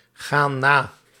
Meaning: inflection of nagaan: 1. plural present indicative 2. plural present subjunctive
- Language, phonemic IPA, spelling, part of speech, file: Dutch, /ˈɣan ˈna/, gaan na, verb, Nl-gaan na.ogg